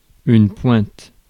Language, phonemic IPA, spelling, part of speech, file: French, /pwɛ̃t/, pointe, noun / verb, Fr-pointe.ogg
- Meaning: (noun) 1. point (the sharp tip of an object) 2. a cylindrical nail without a head or with a very small one 3. a small quantity